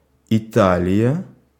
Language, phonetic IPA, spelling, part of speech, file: Russian, [ɪˈtalʲɪjə], Италия, proper noun, Ru-Италия.ogg
- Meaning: Italy (a country in Southern Europe)